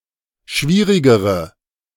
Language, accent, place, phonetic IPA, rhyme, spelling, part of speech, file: German, Germany, Berlin, [ˈʃviːʁɪɡəʁə], -iːʁɪɡəʁə, schwierigere, adjective, De-schwierigere.ogg
- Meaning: inflection of schwierig: 1. strong/mixed nominative/accusative feminine singular comparative degree 2. strong nominative/accusative plural comparative degree